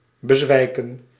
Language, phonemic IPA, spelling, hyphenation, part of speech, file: Dutch, /bəˈzʋɛi̯kə(n)/, bezwijken, be‧zwij‧ken, verb, Nl-bezwijken.ogg
- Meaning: 1. to give way, succumb 2. to expire, to die